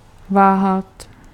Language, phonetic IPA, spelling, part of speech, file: Czech, [ˈvaːɦat], váhat, verb, Cs-váhat.ogg
- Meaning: to hesitate